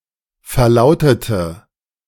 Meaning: inflection of verlauten: 1. first/third-person singular preterite 2. first/third-person singular subjunctive II
- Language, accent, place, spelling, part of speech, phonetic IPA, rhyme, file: German, Germany, Berlin, verlautete, adjective / verb, [fɛɐ̯ˈlaʊ̯tətə], -aʊ̯tətə, De-verlautete.ogg